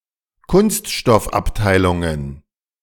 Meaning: plural of Kunststoffabteilung
- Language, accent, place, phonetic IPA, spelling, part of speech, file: German, Germany, Berlin, [ˈkʊnstʃtɔfʔapˌtaɪ̯lʊŋən], Kunststoffabteilungen, noun, De-Kunststoffabteilungen.ogg